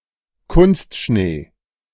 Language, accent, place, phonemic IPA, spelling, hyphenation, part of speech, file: German, Germany, Berlin, /ˈkʊnstʃneː/, Kunstschnee, Kunst‧schnee, noun, De-Kunstschnee.ogg
- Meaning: artificial snow